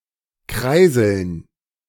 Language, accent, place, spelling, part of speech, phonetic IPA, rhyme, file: German, Germany, Berlin, Kreiseln, noun, [ˈkʁaɪ̯zl̩n], -aɪ̯zl̩n, De-Kreiseln.ogg
- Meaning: dative plural of Kreisel